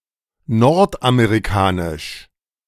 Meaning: North American
- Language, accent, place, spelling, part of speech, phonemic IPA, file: German, Germany, Berlin, nordamerikanisch, adjective, /ˈnɔʁtʔameʁiˌkaːnɪʃ/, De-nordamerikanisch.ogg